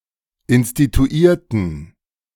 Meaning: inflection of instituieren: 1. first/third-person plural preterite 2. first/third-person plural subjunctive II
- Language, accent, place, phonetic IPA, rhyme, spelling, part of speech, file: German, Germany, Berlin, [ɪnstituˈiːɐ̯tn̩], -iːɐ̯tn̩, instituierten, adjective / verb, De-instituierten.ogg